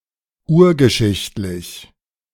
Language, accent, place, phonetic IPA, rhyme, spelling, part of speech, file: German, Germany, Berlin, [ˈuːɐ̯ɡəˌʃɪçtlɪç], -uːɐ̯ɡəʃɪçtlɪç, urgeschichtlich, adjective, De-urgeschichtlich.ogg
- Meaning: prehistoric